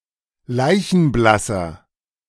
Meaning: inflection of leichenblass: 1. strong/mixed nominative masculine singular 2. strong genitive/dative feminine singular 3. strong genitive plural
- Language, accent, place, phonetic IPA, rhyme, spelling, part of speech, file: German, Germany, Berlin, [ˈlaɪ̯çn̩ˈblasɐ], -asɐ, leichenblasser, adjective, De-leichenblasser.ogg